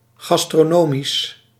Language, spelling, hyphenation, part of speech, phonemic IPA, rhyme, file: Dutch, gastronomisch, gas‧tro‧no‧misch, adjective, /ˌɣɑs.troːˈnoː.mis/, -oːmis, Nl-gastronomisch.ogg
- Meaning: gastronomic